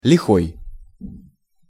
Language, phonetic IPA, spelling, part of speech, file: Russian, [lʲɪˈxoj], лихой, adjective, Ru-лихой.ogg
- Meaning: 1. evil, hard, sinister 2. valiant, intrepid, bold, daring 3. dashing, gallant 4. nimble 5. smart 6. criminal, delinquent